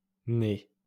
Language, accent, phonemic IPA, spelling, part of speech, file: French, France, /n‿ɛ/, n'est, contraction, LL-Q150 (fra)-n'est.wav
- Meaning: contraction of ne + est (third-person singular indicative present form of être)